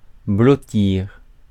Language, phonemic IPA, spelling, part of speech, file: French, /blɔ.tiʁ/, blottir, verb, Fr-blottir.ogg
- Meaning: to snuggle, to huddle